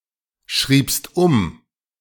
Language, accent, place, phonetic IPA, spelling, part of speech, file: German, Germany, Berlin, [ˌʃʁiːpst ˈʊm], schriebst um, verb, De-schriebst um.ogg
- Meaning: second-person singular preterite of umschreiben